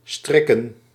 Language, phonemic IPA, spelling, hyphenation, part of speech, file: Dutch, /ˈstrɪ.kə(n)/, strikken, strik‧ken, verb / noun, Nl-strikken.ogg
- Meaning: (verb) 1. to tie (up a shoelace for example) 2. to get (someone to do something for you); to ask to stay 3. to knit; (noun) plural of strik